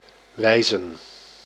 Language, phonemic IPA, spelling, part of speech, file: Dutch, /ˈʋɛi̯zə(n)/, wijzen, verb / noun, Nl-wijzen.ogg
- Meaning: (verb) 1. to point 2. to point out, indicate 3. to direct to (by extension, to send to); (noun) 1. plural of wijs 2. plural of wijze